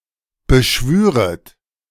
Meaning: second-person plural subjunctive II of beschwören
- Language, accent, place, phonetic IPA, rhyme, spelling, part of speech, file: German, Germany, Berlin, [bəˈʃvyːʁət], -yːʁət, beschwüret, verb, De-beschwüret.ogg